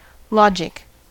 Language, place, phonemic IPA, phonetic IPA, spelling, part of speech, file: English, California, /ˈlɑ.d͡ʒɪk/, [ˈlɔ̟d͡ʒ.ək], logic, adjective / noun / verb, En-us-logic.ogg
- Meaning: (adjective) Logical